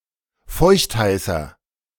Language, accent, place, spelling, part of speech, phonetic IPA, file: German, Germany, Berlin, feuchtheißer, adjective, [ˈfɔɪ̯çtˌhaɪ̯sɐ], De-feuchtheißer.ogg
- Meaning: inflection of feuchtheiß: 1. strong/mixed nominative masculine singular 2. strong genitive/dative feminine singular 3. strong genitive plural